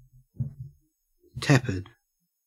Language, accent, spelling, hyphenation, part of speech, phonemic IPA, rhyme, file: English, Australia, tepid, tep‧id, adjective, /ˈtɛpɪd/, -ɛpɪd, En-au-tepid.ogg
- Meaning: 1. Lukewarm; neither warm nor cool 2. Uninterested; exhibiting little passion or eagerness; lukewarm